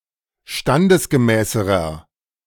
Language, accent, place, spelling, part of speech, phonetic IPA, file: German, Germany, Berlin, standesgemäßerer, adjective, [ˈʃtandəsɡəˌmɛːsəʁɐ], De-standesgemäßerer.ogg
- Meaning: inflection of standesgemäß: 1. strong/mixed nominative masculine singular comparative degree 2. strong genitive/dative feminine singular comparative degree 3. strong genitive plural comparative degree